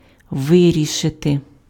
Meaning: 1. to decide 2. to solve
- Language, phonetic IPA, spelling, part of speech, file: Ukrainian, [ˈʋɪrʲiʃete], вирішити, verb, Uk-вирішити.ogg